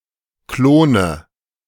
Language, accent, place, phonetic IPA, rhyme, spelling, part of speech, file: German, Germany, Berlin, [ˈkloːnə], -oːnə, Klone, noun, De-Klone.ogg
- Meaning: nominative/accusative/genitive plural of Klon